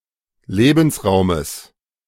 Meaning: genitive singular of Lebensraum
- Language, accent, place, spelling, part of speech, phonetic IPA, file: German, Germany, Berlin, Lebensraumes, noun, [ˈleːbn̩sˌʁaʊ̯məs], De-Lebensraumes.ogg